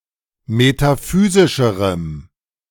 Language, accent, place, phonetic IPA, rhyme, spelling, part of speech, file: German, Germany, Berlin, [metaˈfyːzɪʃəʁəm], -yːzɪʃəʁəm, metaphysischerem, adjective, De-metaphysischerem.ogg
- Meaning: strong dative masculine/neuter singular comparative degree of metaphysisch